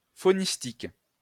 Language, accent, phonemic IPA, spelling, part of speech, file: French, France, /fo.nis.tik/, faunistique, adjective, LL-Q150 (fra)-faunistique.wav
- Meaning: faunal, faunistic